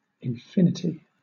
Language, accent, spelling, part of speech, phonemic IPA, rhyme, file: English, Southern England, infinity, noun, /ɪnˈfɪnɪti/, -ɪnɪti, LL-Q1860 (eng)-infinity.wav
- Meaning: 1. Endlessness, unlimitedness, absence of a beginning, end or limits to size 2. A number that has an infinite numerical value that cannot be counted